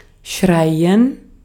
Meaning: to shout; to yell; to cry; to scream; to howl
- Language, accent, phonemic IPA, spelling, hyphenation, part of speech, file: German, Austria, /ˈʃʁaɪ̯ən/, schreien, schrei‧en, verb, De-at-schreien.ogg